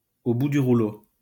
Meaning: 1. exhausted, on one's last legs, at the end of one's tether 2. broke, ruined
- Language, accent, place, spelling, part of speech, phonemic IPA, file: French, France, Lyon, au bout du rouleau, adjective, /o bu dy ʁu.lo/, LL-Q150 (fra)-au bout du rouleau.wav